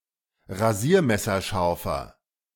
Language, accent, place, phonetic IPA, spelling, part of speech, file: German, Germany, Berlin, [ʁaˈziːɐ̯mɛsɐˌʃaʁfɐ], rasiermesserscharfer, adjective, De-rasiermesserscharfer.ogg
- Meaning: inflection of rasiermesserscharf: 1. strong/mixed nominative masculine singular 2. strong genitive/dative feminine singular 3. strong genitive plural